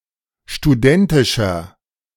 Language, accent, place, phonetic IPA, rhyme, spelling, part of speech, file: German, Germany, Berlin, [ʃtuˈdɛntɪʃɐ], -ɛntɪʃɐ, studentischer, adjective, De-studentischer.ogg
- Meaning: 1. comparative degree of studentisch 2. inflection of studentisch: strong/mixed nominative masculine singular 3. inflection of studentisch: strong genitive/dative feminine singular